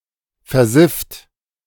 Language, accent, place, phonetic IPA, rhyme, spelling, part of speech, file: German, Germany, Berlin, [fɛɐ̯ˈzɪft], -ɪft, versifft, verb, De-versifft.ogg
- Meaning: 1. past participle of versiffen 2. inflection of versiffen: second-person plural present 3. inflection of versiffen: third-person singular present 4. inflection of versiffen: plural imperative